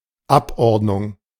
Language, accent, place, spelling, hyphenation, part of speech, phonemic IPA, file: German, Germany, Berlin, Abordnung, Ab‧ord‧nung, noun, /ˈapˌʔɔʁtnʊŋ/, De-Abordnung.ogg
- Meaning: deputation